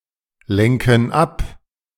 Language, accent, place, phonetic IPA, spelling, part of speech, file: German, Germany, Berlin, [ˌlɛŋkn̩ ˈap], lenken ab, verb, De-lenken ab.ogg
- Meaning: inflection of ablenken: 1. first/third-person plural present 2. first/third-person plural subjunctive I